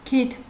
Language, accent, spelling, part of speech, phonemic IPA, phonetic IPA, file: Armenian, Eastern Armenian, քիթ, noun, /kʰitʰ/, [kʰitʰ], Hy-քիթ.ogg
- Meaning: 1. nose 2. the tip of something 3. the prow of the ship